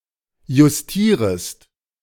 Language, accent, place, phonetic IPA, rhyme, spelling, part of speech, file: German, Germany, Berlin, [jʊsˈtiːʁəst], -iːʁəst, justierest, verb, De-justierest.ogg
- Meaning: second-person singular subjunctive I of justieren